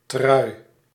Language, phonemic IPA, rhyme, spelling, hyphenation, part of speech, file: Dutch, /trœy̯/, -œy̯, trui, trui, noun, Nl-trui.ogg
- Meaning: 1. jumper, sweater 2. T-shirt